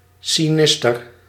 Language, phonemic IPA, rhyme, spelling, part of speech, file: Dutch, /siˈnɪs.tər/, -ɪstər, sinister, adjective, Nl-sinister.ogg
- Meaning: sinister